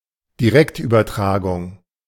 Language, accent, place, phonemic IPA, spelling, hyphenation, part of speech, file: German, Germany, Berlin, /diˈʁɛktʔyːbɐˌtʁaːɡʊŋ/, Direktübertragung, Di‧rekt‧über‧tra‧gung, noun, De-Direktübertragung.ogg
- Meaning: live transmission